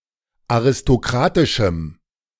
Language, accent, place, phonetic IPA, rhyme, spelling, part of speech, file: German, Germany, Berlin, [aʁɪstoˈkʁaːtɪʃm̩], -aːtɪʃm̩, aristokratischem, adjective, De-aristokratischem.ogg
- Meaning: strong dative masculine/neuter singular of aristokratisch